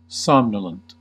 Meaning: 1. Drowsy or sleepy 2. Causing literal or figurative sleepiness
- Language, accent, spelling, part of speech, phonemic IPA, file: English, US, somnolent, adjective, /ˈsɑːmnələnt/, En-us-somnolent.ogg